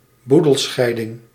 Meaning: division of an estate
- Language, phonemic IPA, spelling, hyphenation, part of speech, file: Dutch, /ˈbu.dəlˌsxɛi̯.dɪŋ/, boedelscheiding, boe‧del‧schei‧ding, noun, Nl-boedelscheiding.ogg